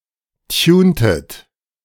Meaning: inflection of tunen: 1. second-person plural preterite 2. second-person plural subjunctive II
- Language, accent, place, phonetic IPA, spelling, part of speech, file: German, Germany, Berlin, [ˈtjuːntət], tuntet, verb, De-tuntet.ogg